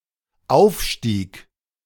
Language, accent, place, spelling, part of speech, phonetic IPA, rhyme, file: German, Germany, Berlin, aufstieg, verb, [ˈaʊ̯fˌʃtiːk], -aʊ̯fʃtiːk, De-aufstieg.ogg
- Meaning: first/third-person singular dependent preterite of aufsteigen